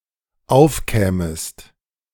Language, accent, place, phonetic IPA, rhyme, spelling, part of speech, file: German, Germany, Berlin, [ˈaʊ̯fˌkɛːməst], -aʊ̯fkɛːməst, aufkämest, verb, De-aufkämest.ogg
- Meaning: second-person singular dependent subjunctive II of aufkommen